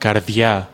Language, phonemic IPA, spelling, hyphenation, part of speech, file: Greek, /karˈðʝa/, καρδιά, καρ‧διά, noun, El-καρδιά.ogg
- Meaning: heart